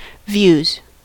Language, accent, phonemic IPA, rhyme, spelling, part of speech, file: English, US, /vjuːz/, -uːz, views, noun / verb, En-us-views.ogg
- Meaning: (noun) plural of view; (verb) third-person singular simple present indicative of view